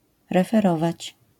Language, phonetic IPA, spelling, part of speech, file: Polish, [ˌrɛfɛˈrɔvat͡ɕ], referować, verb, LL-Q809 (pol)-referować.wav